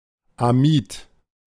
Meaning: amide
- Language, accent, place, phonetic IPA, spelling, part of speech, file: German, Germany, Berlin, [aˈmiːt], Amid, noun, De-Amid.ogg